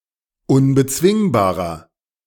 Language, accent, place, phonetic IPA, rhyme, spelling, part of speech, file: German, Germany, Berlin, [ʊnbəˈt͡svɪŋbaːʁɐ], -ɪŋbaːʁɐ, unbezwingbarer, adjective, De-unbezwingbarer.ogg
- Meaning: 1. comparative degree of unbezwingbar 2. inflection of unbezwingbar: strong/mixed nominative masculine singular 3. inflection of unbezwingbar: strong genitive/dative feminine singular